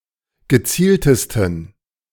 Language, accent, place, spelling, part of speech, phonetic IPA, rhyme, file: German, Germany, Berlin, gezieltesten, adjective, [ɡəˈt͡siːltəstn̩], -iːltəstn̩, De-gezieltesten.ogg
- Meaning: 1. superlative degree of gezielt 2. inflection of gezielt: strong genitive masculine/neuter singular superlative degree